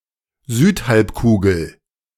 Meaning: Southern Hemisphere (the hemisphere in Earth to the south of the Equator, containing only about 10% of the total land area on Earth)
- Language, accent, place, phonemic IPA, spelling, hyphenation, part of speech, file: German, Germany, Berlin, /ˈzyːtˌhalpkuːɡl̩/, Südhalbkugel, Süd‧halb‧ku‧gel, proper noun, De-Südhalbkugel.ogg